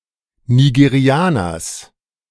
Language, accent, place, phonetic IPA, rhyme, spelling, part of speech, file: German, Germany, Berlin, [niɡeˈʁi̯aːnɐs], -aːnɐs, Nigerianers, noun, De-Nigerianers.ogg
- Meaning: genitive singular of Nigerianer